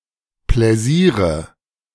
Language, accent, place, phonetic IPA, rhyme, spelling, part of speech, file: German, Germany, Berlin, [ˌplɛˈziːʁə], -iːʁə, Pläsiere, noun, De-Pläsiere.ogg
- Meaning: nominative/accusative/genitive plural of Pläsier